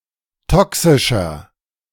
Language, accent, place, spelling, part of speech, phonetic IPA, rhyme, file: German, Germany, Berlin, toxischer, adjective, [ˈtɔksɪʃɐ], -ɔksɪʃɐ, De-toxischer.ogg
- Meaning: inflection of toxisch: 1. strong/mixed nominative masculine singular 2. strong genitive/dative feminine singular 3. strong genitive plural